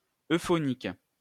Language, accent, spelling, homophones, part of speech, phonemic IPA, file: French, France, euphonique, euphoniques, adjective, /ø.fɔ.nik/, LL-Q150 (fra)-euphonique.wav
- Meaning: euphonic